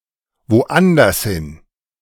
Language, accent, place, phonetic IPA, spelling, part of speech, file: German, Germany, Berlin, [voˈʔandɐshɪn], woandershin, adverb, De-woandershin.ogg
- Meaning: elsewhere, somewhere else